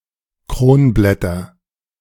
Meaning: nominative/accusative/genitive plural of Kronblatt
- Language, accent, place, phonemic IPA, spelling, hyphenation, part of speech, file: German, Germany, Berlin, /ˈkroːnˌblɛtɐ/, Kronblätter, Kron‧blät‧ter, noun, De-Kronblätter.ogg